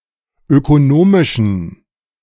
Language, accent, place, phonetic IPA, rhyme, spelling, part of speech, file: German, Germany, Berlin, [økoˈnoːmɪʃn̩], -oːmɪʃn̩, ökonomischen, adjective, De-ökonomischen.ogg
- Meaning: inflection of ökonomisch: 1. strong genitive masculine/neuter singular 2. weak/mixed genitive/dative all-gender singular 3. strong/weak/mixed accusative masculine singular 4. strong dative plural